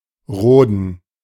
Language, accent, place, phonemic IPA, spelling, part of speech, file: German, Germany, Berlin, /ˈroːdən/, roden, verb, De-roden.ogg
- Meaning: 1. to clear (a forest) 2. to make arable